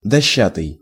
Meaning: made of boards, planks
- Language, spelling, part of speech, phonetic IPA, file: Russian, дощатый, adjective, [dɐˈɕːatɨj], Ru-дощатый.ogg